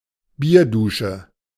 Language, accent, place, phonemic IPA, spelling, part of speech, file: German, Germany, Berlin, /ˈbiːɐ̯ˌduːʃə/, Bierdusche, noun, De-Bierdusche.ogg
- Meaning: someone dumping a beer on someone's head